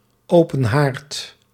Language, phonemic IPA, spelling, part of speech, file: Dutch, /ˈoːpə(n)ɦaːrt/, open haard, noun, Nl-open haard.ogg
- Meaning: fireplace